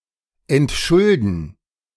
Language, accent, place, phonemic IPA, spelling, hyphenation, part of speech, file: German, Germany, Berlin, /ɛntˈʃʊldn̩/, entschulden, ent‧schul‧den, verb, De-entschulden.ogg
- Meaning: to remove a debt (either by having it paid back, or having it excused)